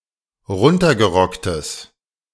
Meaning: strong/mixed nominative/accusative neuter singular of runtergerockt
- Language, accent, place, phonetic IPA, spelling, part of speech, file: German, Germany, Berlin, [ˈʁʊntɐɡəˌʁɔktəs], runtergerocktes, adjective, De-runtergerocktes.ogg